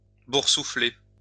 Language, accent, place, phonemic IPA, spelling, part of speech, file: French, France, Lyon, /buʁ.su.fle/, boursouffler, verb, LL-Q150 (fra)-boursouffler.wav
- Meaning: post-1990 spelling of boursoufler